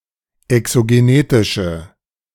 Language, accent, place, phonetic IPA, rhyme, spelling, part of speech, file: German, Germany, Berlin, [ɛksoɡeˈneːtɪʃə], -eːtɪʃə, exogenetische, adjective, De-exogenetische.ogg
- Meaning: inflection of exogenetisch: 1. strong/mixed nominative/accusative feminine singular 2. strong nominative/accusative plural 3. weak nominative all-gender singular